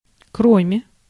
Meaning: except, besides
- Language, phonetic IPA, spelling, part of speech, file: Russian, [ˈkromʲe], кроме, preposition, Ru-кроме.ogg